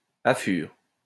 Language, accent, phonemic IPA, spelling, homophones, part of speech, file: French, France, /a.fyʁ/, affure, affurent / affures, verb, LL-Q150 (fra)-affure.wav
- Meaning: inflection of affurer: 1. first/third-person singular present indicative/subjunctive 2. second-person singular imperative